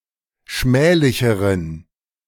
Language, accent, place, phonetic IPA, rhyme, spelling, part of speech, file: German, Germany, Berlin, [ˈʃmɛːlɪçəʁən], -ɛːlɪçəʁən, schmählicheren, adjective, De-schmählicheren.ogg
- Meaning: inflection of schmählich: 1. strong genitive masculine/neuter singular comparative degree 2. weak/mixed genitive/dative all-gender singular comparative degree